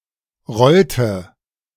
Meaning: inflection of rollen: 1. first/third-person singular preterite 2. first/third-person singular subjunctive II
- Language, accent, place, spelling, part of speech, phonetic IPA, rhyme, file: German, Germany, Berlin, rollte, verb, [ˈʁɔltə], -ɔltə, De-rollte.ogg